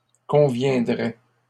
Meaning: third-person plural conditional of convenir
- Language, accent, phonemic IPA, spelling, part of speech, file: French, Canada, /kɔ̃.vjɛ̃.dʁɛ/, conviendraient, verb, LL-Q150 (fra)-conviendraient.wav